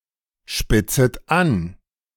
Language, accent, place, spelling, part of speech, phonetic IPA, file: German, Germany, Berlin, spitzet an, verb, [ˌʃpɪt͡sət ˈan], De-spitzet an.ogg
- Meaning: second-person plural subjunctive I of anspitzen